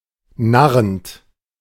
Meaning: present participle of narren
- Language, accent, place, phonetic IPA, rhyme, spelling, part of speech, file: German, Germany, Berlin, [ˈnaʁənt], -aʁənt, narrend, verb, De-narrend.ogg